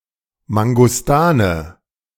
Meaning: mangosteen
- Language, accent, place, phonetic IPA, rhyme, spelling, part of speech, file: German, Germany, Berlin, [maŋɡɔsˈtaːnə], -aːnə, Mangostane, noun, De-Mangostane.ogg